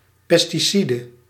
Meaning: pesticide
- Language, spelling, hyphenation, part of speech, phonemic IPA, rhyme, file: Dutch, pesticide, pes‧ti‧ci‧de, noun, /ˌpɛs.tiˈsi.də/, -idə, Nl-pesticide.ogg